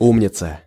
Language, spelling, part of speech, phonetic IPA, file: Russian, умница, noun, [ˈumnʲɪt͡sə], Ru-умница.ogg
- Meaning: 1. clear head 2. clever boy, good boy, clever girl, good girl 3. clever person, wise person, good person